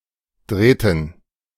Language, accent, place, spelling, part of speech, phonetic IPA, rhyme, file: German, Germany, Berlin, Drähten, noun, [ˈdʁɛːtn̩], -ɛːtn̩, De-Drähten.ogg
- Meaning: dative plural of Draht